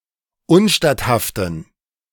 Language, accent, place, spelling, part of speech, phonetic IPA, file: German, Germany, Berlin, unstatthaften, adjective, [ˈʊnˌʃtathaftn̩], De-unstatthaften.ogg
- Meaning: inflection of unstatthaft: 1. strong genitive masculine/neuter singular 2. weak/mixed genitive/dative all-gender singular 3. strong/weak/mixed accusative masculine singular 4. strong dative plural